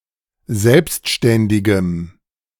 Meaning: strong dative masculine/neuter singular of selbstständig
- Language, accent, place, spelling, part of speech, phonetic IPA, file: German, Germany, Berlin, selbstständigem, adjective, [ˈzɛlpstʃtɛndɪɡəm], De-selbstständigem.ogg